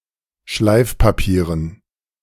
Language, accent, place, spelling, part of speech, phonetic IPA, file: German, Germany, Berlin, Schleifpapieren, noun, [ˈʃlaɪ̯fpaˌpiːʁən], De-Schleifpapieren.ogg
- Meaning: dative plural of Schleifpapier